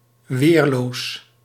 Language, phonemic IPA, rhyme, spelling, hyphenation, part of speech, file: Dutch, /ˈʋeːr.loːs/, -eːrloːs, weerloos, weer‧loos, adjective, Nl-weerloos.ogg
- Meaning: defenseless